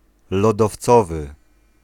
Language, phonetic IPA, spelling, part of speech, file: Polish, [ˌlɔdɔfˈt͡sɔvɨ], lodowcowy, adjective, Pl-lodowcowy.ogg